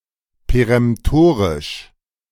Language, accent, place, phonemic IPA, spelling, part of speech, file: German, Germany, Berlin, /peʁɛmˈtoːʁɪʃ/, peremtorisch, adjective, De-peremtorisch.ogg
- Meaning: peremptory